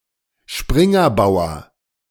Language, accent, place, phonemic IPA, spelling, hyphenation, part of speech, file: German, Germany, Berlin, /ˈʃpʁɪŋɐˌbaʊ̯ɐ/, Springerbauer, Sprin‧ger‧bau‧er, noun, De-Springerbauer.ogg
- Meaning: knight's pawn